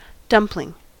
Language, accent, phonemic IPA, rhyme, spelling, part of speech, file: English, US, /ˈdʌmp.lɪŋ/, -ʌmplɪŋ, dumpling, noun, En-us-dumpling.ogg
- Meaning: A ball of dough that is cooked and may have a filling and/or additional ingredients in the dough.: Specifically, a ball of dough used in stews and other sauced dishes; a thick noodle